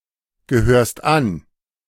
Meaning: second-person singular present of angehören
- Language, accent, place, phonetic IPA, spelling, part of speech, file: German, Germany, Berlin, [ɡəˌhøːɐ̯st ˈan], gehörst an, verb, De-gehörst an.ogg